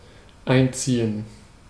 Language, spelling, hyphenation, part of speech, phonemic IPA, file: German, einziehen, ein‧zie‧hen, verb, /ˈaɪ̯nˌt͡siːə̯n/, De-einziehen.ogg
- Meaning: 1. to thread (elastic, thread etc.) 2. to put in (a joist, wall etc.) 3. to retract, pull in; to lower (a periscope); to take in (a rudder) 4. to conscript, draft 5. to collect (taxes etc.)